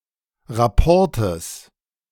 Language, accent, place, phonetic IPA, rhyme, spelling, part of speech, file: German, Germany, Berlin, [ʁaˈpɔʁtəs], -ɔʁtəs, Rapportes, noun, De-Rapportes.ogg
- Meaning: genitive singular of Rapport